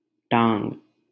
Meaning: alternative spelling of टाँग (ṭāṅg)
- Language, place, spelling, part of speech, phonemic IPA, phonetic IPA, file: Hindi, Delhi, टांग, noun, /ʈɑːŋɡ/, [ʈä̃ːŋɡ], LL-Q1568 (hin)-टांग.wav